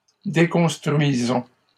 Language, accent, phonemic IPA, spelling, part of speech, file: French, Canada, /de.kɔ̃s.tʁɥi.zɔ̃/, déconstruisons, verb, LL-Q150 (fra)-déconstruisons.wav
- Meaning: inflection of déconstruire: 1. first-person plural present indicative 2. first-person plural imperative